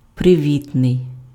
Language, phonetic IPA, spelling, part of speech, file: Ukrainian, [preˈʋʲitnei̯], привітний, adjective, Uk-привітний.ogg
- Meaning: friendly, affable